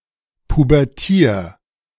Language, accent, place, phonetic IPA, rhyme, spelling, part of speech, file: German, Germany, Berlin, [pubɛʁˈtiːɐ̯], -iːɐ̯, pubertier, verb, De-pubertier.ogg
- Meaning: 1. singular imperative of pubertieren 2. first-person singular present of pubertieren